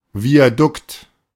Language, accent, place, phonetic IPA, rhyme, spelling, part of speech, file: German, Germany, Berlin, [viaˈdʊkt], -ʊkt, Viadukt, noun, De-Viadukt.ogg
- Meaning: a viaduct (bridge with several spans that carries road or rail traffic over a valley)